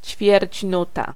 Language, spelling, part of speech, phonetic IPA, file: Polish, ćwierćnuta, noun, [t͡ɕfʲjɛrʲt͡ɕˈnuta], Pl-ćwierćnuta.ogg